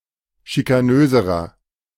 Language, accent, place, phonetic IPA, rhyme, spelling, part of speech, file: German, Germany, Berlin, [ʃikaˈnøːzəʁɐ], -øːzəʁɐ, schikanöserer, adjective, De-schikanöserer.ogg
- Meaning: inflection of schikanös: 1. strong/mixed nominative masculine singular comparative degree 2. strong genitive/dative feminine singular comparative degree 3. strong genitive plural comparative degree